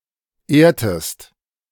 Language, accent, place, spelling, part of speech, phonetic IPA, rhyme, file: German, Germany, Berlin, ehrtest, verb, [ˈeːɐ̯təst], -eːɐ̯təst, De-ehrtest.ogg
- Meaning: inflection of ehren: 1. second-person singular preterite 2. second-person singular subjunctive II